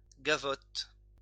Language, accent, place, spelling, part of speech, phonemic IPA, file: French, France, Lyon, gavotte, noun, /ɡa.vɔt/, LL-Q150 (fra)-gavotte.wav
- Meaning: gavotte